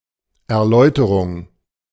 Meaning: explanation (the act or process of explaining)
- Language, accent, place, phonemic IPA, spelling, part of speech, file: German, Germany, Berlin, /ɛɐ̯ˈlɔɪ̯təʁʊŋ/, Erläuterung, noun, De-Erläuterung.ogg